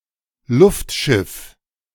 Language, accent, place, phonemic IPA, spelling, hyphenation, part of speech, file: German, Germany, Berlin, /ˈlʊftˌʃɪf/, Luftschiff, Luft‧schiff, noun, De-Luftschiff.ogg
- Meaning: 1. airship 2. airplane